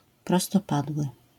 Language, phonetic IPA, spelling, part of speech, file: Polish, [ˌprɔstɔˈpadwɨ], prostopadły, adjective, LL-Q809 (pol)-prostopadły.wav